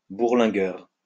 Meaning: 1. a sailor who would go to sea even in dangerous conditions 2. globetrotter
- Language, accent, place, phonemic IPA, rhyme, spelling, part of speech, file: French, France, Lyon, /buʁ.lɛ̃.ɡœʁ/, -œʁ, bourlingueur, noun, LL-Q150 (fra)-bourlingueur.wav